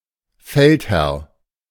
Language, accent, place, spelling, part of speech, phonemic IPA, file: German, Germany, Berlin, Feldherr, noun, /ˈfɛltˌhɛʁ/, De-Feldherr.ogg
- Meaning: commander-in-chief, the highest ranking general/commander of an army in war